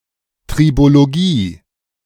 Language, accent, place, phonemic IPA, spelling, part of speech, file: German, Germany, Berlin, /tʁiboloˈɡiː/, Tribologie, noun, De-Tribologie.ogg
- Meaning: tribology